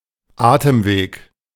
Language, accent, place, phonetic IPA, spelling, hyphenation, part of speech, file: German, Germany, Berlin, [ˈaːtəmˌveːk], Atemweg, Atem‧weg, noun, De-Atemweg.ogg
- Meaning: airway (respiratory tract)